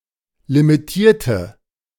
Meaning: inflection of limitieren: 1. first/third-person singular preterite 2. first/third-person singular subjunctive II
- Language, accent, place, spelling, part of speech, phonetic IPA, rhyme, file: German, Germany, Berlin, limitierte, adjective / verb, [limiˈtiːɐ̯tə], -iːɐ̯tə, De-limitierte.ogg